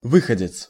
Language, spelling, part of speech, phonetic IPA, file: Russian, выходец, noun, [ˈvɨxədʲɪt͡s], Ru-выходец.ogg
- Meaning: native (of), emigrant